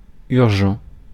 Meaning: urgent
- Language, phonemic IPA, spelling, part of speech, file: French, /yʁ.ʒɑ̃/, urgent, adjective, Fr-urgent.ogg